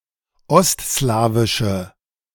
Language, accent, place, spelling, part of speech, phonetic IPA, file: German, Germany, Berlin, ostslawische, adjective, [ˈɔstˌslaːvɪʃə], De-ostslawische.ogg
- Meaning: inflection of ostslawisch: 1. strong/mixed nominative/accusative feminine singular 2. strong nominative/accusative plural 3. weak nominative all-gender singular